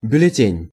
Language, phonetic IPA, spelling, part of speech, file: Russian, [bʲʉlʲɪˈtʲenʲ], бюллетень, noun, Ru-бюллетень.ogg
- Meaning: 1. ballot paper 2. bulletin (brief report) 3. bulletin, journal 4. medical certificate